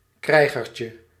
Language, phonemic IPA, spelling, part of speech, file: Dutch, /ˈkrɛiɣərcə/, krijgertje, noun, Nl-krijgertje.ogg
- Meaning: diminutive of krijger